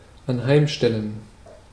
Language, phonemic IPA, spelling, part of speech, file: German, /anˈhaɪ̯mˌʃtɛllən/, anheimstellen, verb, De-anheimstellen.ogg
- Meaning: to leave (something) to the discretion